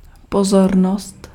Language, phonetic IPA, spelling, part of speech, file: Czech, [ˈpozornost], pozornost, noun, Cs-pozornost.ogg
- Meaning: 1. attention (mental focus) 2. favor (small gift)